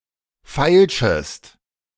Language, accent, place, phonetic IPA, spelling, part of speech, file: German, Germany, Berlin, [ˈfaɪ̯lʃəst], feilschest, verb, De-feilschest.ogg
- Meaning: second-person singular subjunctive I of feilschen